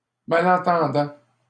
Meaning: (adjective) hard of hearing, hearing-impaired; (noun) hearing-impaired person, person who is hard of hearing
- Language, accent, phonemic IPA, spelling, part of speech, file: French, Canada, /ma.lɑ̃.tɑ̃.dɑ̃/, malentendant, adjective / noun, LL-Q150 (fra)-malentendant.wav